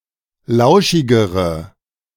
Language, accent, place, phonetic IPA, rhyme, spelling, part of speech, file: German, Germany, Berlin, [ˈlaʊ̯ʃɪɡəʁə], -aʊ̯ʃɪɡəʁə, lauschigere, adjective, De-lauschigere.ogg
- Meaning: inflection of lauschig: 1. strong/mixed nominative/accusative feminine singular comparative degree 2. strong nominative/accusative plural comparative degree